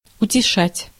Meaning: to console, to comfort
- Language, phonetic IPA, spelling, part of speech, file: Russian, [ʊtʲɪˈʂatʲ], утешать, verb, Ru-утешать.ogg